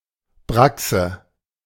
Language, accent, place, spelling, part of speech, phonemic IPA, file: German, Germany, Berlin, Brachse, noun, /ˈbʁaksə/, De-Brachse.ogg
- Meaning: alternative form of Brasse (“carp beam”)